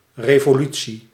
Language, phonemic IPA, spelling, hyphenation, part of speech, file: Dutch, /reː.voːˈly.(t)si/, revolutie, re‧vo‧lu‧tie, noun, Nl-revolutie.ogg
- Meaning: 1. revolution (sudden change; upheaval, putsch) 2. revolution, rotation (complete turn across an orbit or around an axis)